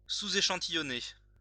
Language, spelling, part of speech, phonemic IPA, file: French, échantillonner, verb, /e.ʃɑ̃.ti.jɔ.ne/, LL-Q150 (fra)-échantillonner.wav
- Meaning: to sample, take a sample